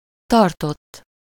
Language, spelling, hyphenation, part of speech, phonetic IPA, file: Hungarian, tartott, tar‧tott, verb, [ˈtɒrtotː], Hu-tartott.ogg
- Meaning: 1. third-person singular indicative past indefinite of tart 2. past participle of tart